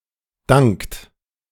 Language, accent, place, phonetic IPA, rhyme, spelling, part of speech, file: German, Germany, Berlin, [daŋkt], -aŋkt, dankt, verb, De-dankt.ogg
- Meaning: inflection of danken: 1. third-person singular present 2. second-person plural present 3. plural imperative